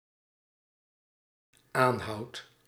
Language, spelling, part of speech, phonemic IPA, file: Dutch, aanhoudt, verb, /ˈanhɑut/, Nl-aanhoudt.ogg
- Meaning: second/third-person singular dependent-clause present indicative of aanhouden